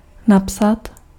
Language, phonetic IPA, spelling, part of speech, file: Czech, [ˈnapsat], napsat, verb, Cs-napsat.ogg
- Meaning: to write